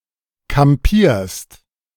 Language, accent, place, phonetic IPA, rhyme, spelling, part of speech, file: German, Germany, Berlin, [kamˈpiːɐ̯st], -iːɐ̯st, kampierst, verb, De-kampierst.ogg
- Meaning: second-person singular present of kampieren